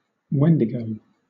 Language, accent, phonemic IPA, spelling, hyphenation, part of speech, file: English, Southern England, /ˈwɛndɪɡəʊ/, wendigo, wen‧di‧go, noun, LL-Q1860 (eng)-wendigo.wav
- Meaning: A malevolent and violent cannibal spirit found in Anishinaabe, Ojibwe, and Cree mythology, which is said to inhabit the body of a living person and possess him or her to commit murder